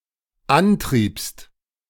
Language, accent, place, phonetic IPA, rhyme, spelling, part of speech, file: German, Germany, Berlin, [ˈanˌtʁiːpst], -antʁiːpst, antriebst, verb, De-antriebst.ogg
- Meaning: second-person singular dependent preterite of antreiben